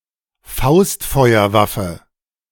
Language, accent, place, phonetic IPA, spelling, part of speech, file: German, Germany, Berlin, [ˈfaʊ̯stfɔɪ̯ɐˌvafə], Faustfeuerwaffe, noun, De-Faustfeuerwaffe.ogg
- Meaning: A handgun; a gun that is fit to be wielded in a single hand